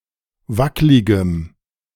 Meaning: strong dative masculine/neuter singular of wacklig
- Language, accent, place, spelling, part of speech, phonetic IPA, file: German, Germany, Berlin, wackligem, adjective, [ˈvaklɪɡəm], De-wackligem.ogg